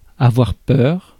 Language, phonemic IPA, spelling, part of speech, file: French, /a.vwaʁ pœʁ/, avoir peur, verb, Fr-avoir-peur.ogg
- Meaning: to fear, be afraid